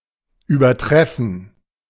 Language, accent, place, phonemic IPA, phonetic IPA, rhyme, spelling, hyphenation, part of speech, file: German, Germany, Berlin, /ˌyːbəʁˈtʁɛfən/, [ˌʔyːbɐˈtʁɛfn̩], -ɛfn̩, übertreffen, über‧tref‧fen, verb, De-übertreffen.ogg
- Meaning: 1. to exceed, to surpass, to outdo 2. to exceed (a certain standard)